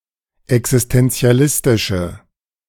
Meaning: inflection of existenzialistisch: 1. strong/mixed nominative/accusative feminine singular 2. strong nominative/accusative plural 3. weak nominative all-gender singular
- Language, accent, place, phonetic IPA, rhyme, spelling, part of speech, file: German, Germany, Berlin, [ɛksɪstɛnt͡si̯aˈlɪstɪʃə], -ɪstɪʃə, existenzialistische, adjective, De-existenzialistische.ogg